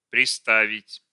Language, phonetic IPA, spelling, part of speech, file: Russian, [prʲɪˈstavʲɪtʲ], приставить, verb, Ru-приставить.ogg
- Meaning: 1. to put (against), to set (against, to), to lean (against) 2. to appoint to look (after)